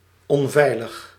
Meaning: unsafe
- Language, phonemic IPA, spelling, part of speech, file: Dutch, /ɔɱˈvɛiləx/, onveilig, adjective, Nl-onveilig.ogg